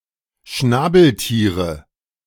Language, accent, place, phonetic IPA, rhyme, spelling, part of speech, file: German, Germany, Berlin, [ˈʃnaːbl̩ˌtiːʁə], -aːbl̩tiːʁə, Schnabeltiere, noun, De-Schnabeltiere.ogg
- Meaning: nominative/accusative/genitive plural of Schnabeltier